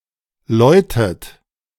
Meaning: inflection of läuten: 1. second-person plural present 2. second-person plural subjunctive I 3. third-person singular present 4. plural imperative
- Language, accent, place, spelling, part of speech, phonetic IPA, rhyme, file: German, Germany, Berlin, läutet, verb, [ˈlɔɪ̯tət], -ɔɪ̯tət, De-läutet.ogg